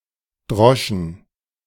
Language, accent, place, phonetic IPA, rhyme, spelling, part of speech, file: German, Germany, Berlin, [ˈdʁɔʃn̩], -ɔʃn̩, droschen, verb, De-droschen.ogg
- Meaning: first/third-person plural preterite of dreschen